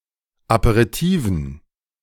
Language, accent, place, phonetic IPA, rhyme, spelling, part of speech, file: German, Germany, Berlin, [apeʁiˈtiːvn̩], -iːvn̩, Aperitifen, noun, De-Aperitifen.ogg
- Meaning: dative plural of Aperitif